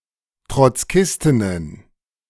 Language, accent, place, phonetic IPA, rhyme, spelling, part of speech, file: German, Germany, Berlin, [tʁɔt͡sˈkɪstɪnən], -ɪstɪnən, Trotzkistinnen, noun, De-Trotzkistinnen.ogg
- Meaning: plural of Trotzkistin